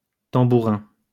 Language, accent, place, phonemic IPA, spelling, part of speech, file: French, France, Lyon, /tɑ̃.bu.ʁɛ̃/, tambourin, noun, LL-Q150 (fra)-tambourin.wav
- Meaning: tambourine